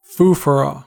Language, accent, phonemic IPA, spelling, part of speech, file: English, US, /ˈfu.fəˌɹɔ/, foofaraw, noun, En-us-foofaraw.ogg
- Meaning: 1. Overly excessive or flashy ornamentation or decoration 2. Fuss over something of little importance